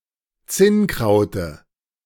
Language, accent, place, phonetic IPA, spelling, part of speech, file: German, Germany, Berlin, [ˈt͡sɪnˌkʁaʊ̯tə], Zinnkraute, noun, De-Zinnkraute.ogg
- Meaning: dative singular of Zinnkraut